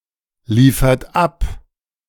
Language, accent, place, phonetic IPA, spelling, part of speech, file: German, Germany, Berlin, [ˌliːfɐt ˈap], liefert ab, verb, De-liefert ab.ogg
- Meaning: inflection of abliefern: 1. second-person plural present 2. third-person singular present 3. plural imperative